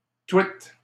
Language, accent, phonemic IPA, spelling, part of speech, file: French, Canada, /twit/, twit, noun, LL-Q150 (fra)-twit.wav
- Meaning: 1. twit (foolish person) 2. a tweet (a message on Twitter)